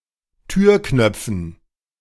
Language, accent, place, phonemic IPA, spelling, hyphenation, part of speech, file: German, Germany, Berlin, /ˈtyːɐ̯ˌknœp͡fn̩/, Türknöpfen, Tür‧knöp‧fen, noun, De-Türknöpfen.ogg
- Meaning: dative plural of Türknopf